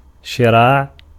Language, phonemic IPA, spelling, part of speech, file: Arabic, /ʃi.raːʕ/, شراع, noun, Ar-شراع.ogg
- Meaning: 1. sail 2. tent 3. protecting roof 4. bowstring 5. spear 6. neck of a camel